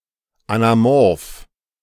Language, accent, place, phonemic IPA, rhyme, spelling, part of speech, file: German, Germany, Berlin, /anaˈmɔʁf/, -ɔʁf, anamorph, adjective, De-anamorph.ogg
- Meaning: anamorphic